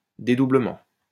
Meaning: doubling, duplication
- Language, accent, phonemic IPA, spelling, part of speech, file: French, France, /de.du.blə.mɑ̃/, dédoublement, noun, LL-Q150 (fra)-dédoublement.wav